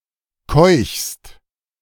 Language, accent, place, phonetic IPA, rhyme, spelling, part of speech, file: German, Germany, Berlin, [kɔɪ̯çst], -ɔɪ̯çst, keuchst, verb, De-keuchst.ogg
- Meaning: second-person singular present of keuchen